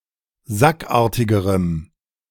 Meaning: strong dative masculine/neuter singular comparative degree of sackartig
- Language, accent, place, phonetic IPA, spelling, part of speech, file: German, Germany, Berlin, [ˈzakˌʔaːɐ̯tɪɡəʁəm], sackartigerem, adjective, De-sackartigerem.ogg